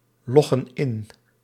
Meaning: inflection of inloggen: 1. plural present indicative 2. plural present subjunctive
- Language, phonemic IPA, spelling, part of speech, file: Dutch, /ˈlɔɣə(n) ˈɪn/, loggen in, verb, Nl-loggen in.ogg